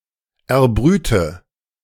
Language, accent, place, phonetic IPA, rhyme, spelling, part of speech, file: German, Germany, Berlin, [ɛɐ̯ˈbʁyːtə], -yːtə, erbrüte, verb, De-erbrüte.ogg
- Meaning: inflection of erbrüten: 1. first-person singular present 2. first/third-person singular subjunctive I 3. singular imperative